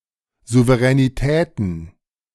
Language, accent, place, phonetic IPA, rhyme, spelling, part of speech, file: German, Germany, Berlin, [zuvəʁɛniˈtɛːtn̩], -ɛːtn̩, Souveränitäten, noun, De-Souveränitäten.ogg
- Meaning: plural of Souveränität